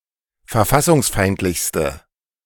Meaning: inflection of verfassungsfeindlich: 1. strong/mixed nominative/accusative feminine singular superlative degree 2. strong nominative/accusative plural superlative degree
- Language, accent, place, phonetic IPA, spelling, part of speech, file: German, Germany, Berlin, [fɛɐ̯ˈfasʊŋsˌfaɪ̯ntlɪçstə], verfassungsfeindlichste, adjective, De-verfassungsfeindlichste.ogg